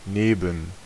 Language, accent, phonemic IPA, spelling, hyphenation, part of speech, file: German, Germany, /ˈneːbm̩/, neben, ne‧ben, preposition, De-neben.ogg
- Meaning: 1. next to, beside, alongside, adjacent to, near, near to 2. in addition to, besides, alongside, apart from, aside from, among, amongst, on top of 3. compared with